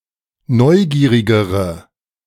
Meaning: inflection of neugierig: 1. strong/mixed nominative/accusative feminine singular comparative degree 2. strong nominative/accusative plural comparative degree
- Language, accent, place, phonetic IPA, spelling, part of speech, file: German, Germany, Berlin, [ˈnɔɪ̯ˌɡiːʁɪɡəʁə], neugierigere, adjective, De-neugierigere.ogg